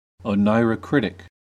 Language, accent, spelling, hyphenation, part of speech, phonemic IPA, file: English, US, oneirocritic, o‧nei‧ro‧crit‧ic, noun / adjective, /oʊˌnaɪ.ɹəˈkɹɪt.ɪk/, En-us-oneirocritic.ogg
- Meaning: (noun) An interpreter of dreams; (adjective) Of or relating to the interpretation of dreams